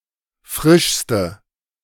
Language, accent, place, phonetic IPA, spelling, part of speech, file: German, Germany, Berlin, [ˈfʁɪʃstə], frischste, adjective, De-frischste.ogg
- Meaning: inflection of frisch: 1. strong/mixed nominative/accusative feminine singular superlative degree 2. strong nominative/accusative plural superlative degree